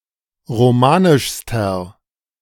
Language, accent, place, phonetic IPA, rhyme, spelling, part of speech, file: German, Germany, Berlin, [ʁoˈmaːnɪʃstɐ], -aːnɪʃstɐ, romanischster, adjective, De-romanischster.ogg
- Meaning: inflection of romanisch: 1. strong/mixed nominative masculine singular superlative degree 2. strong genitive/dative feminine singular superlative degree 3. strong genitive plural superlative degree